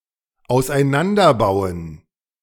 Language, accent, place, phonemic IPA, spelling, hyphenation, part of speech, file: German, Germany, Berlin, /aʊ̯sʔaɪ̯ˈnandɐˌbaʊ̯ən/, auseinanderbauen, aus‧ei‧n‧an‧der‧bau‧en, verb, De-auseinanderbauen.ogg
- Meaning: to disassemble